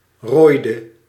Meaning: inflection of rooien: 1. singular past indicative 2. singular past subjunctive
- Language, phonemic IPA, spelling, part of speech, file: Dutch, /roːi.də/, rooide, verb, Nl-rooide.ogg